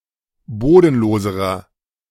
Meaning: inflection of bodenlos: 1. strong/mixed nominative masculine singular comparative degree 2. strong genitive/dative feminine singular comparative degree 3. strong genitive plural comparative degree
- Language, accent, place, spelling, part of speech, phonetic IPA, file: German, Germany, Berlin, bodenloserer, adjective, [ˈboːdn̩ˌloːzəʁɐ], De-bodenloserer.ogg